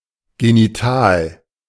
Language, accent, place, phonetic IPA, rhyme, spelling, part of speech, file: German, Germany, Berlin, [ɡeniˈtaːl], -aːl, genital, adjective, De-genital.ogg
- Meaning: genital